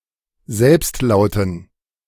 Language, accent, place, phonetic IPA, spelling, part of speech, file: German, Germany, Berlin, [ˈzɛlpstˌlaʊ̯tn̩], Selbstlauten, noun, De-Selbstlauten.ogg
- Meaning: dative plural of Selbstlaut